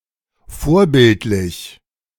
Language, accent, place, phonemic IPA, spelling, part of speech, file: German, Germany, Berlin, /ˈfoːɐ̯ˌbɪltlɪç/, vorbildlich, adjective, De-vorbildlich.ogg
- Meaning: exemplary, commendable